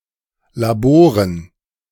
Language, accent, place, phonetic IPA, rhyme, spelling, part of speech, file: German, Germany, Berlin, [laˈboːʁən], -oːʁən, Laboren, noun, De-Laboren.ogg
- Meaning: dative plural of Labor